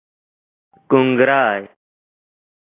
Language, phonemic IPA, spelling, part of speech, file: Pashto, /kun.ɡraɪ/, کونګرى, noun, Ps-کونګرى.oga
- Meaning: puppy, pup, whelp, cub